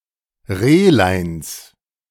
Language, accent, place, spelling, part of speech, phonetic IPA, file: German, Germany, Berlin, Rehleins, noun, [ˈʁeːlaɪ̯ns], De-Rehleins.ogg
- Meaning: genitive singular of Rehlein